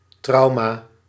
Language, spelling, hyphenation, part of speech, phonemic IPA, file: Dutch, trauma, trau‧ma, noun, /ˈtrɑu̯.maː/, Nl-trauma.ogg
- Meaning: trauma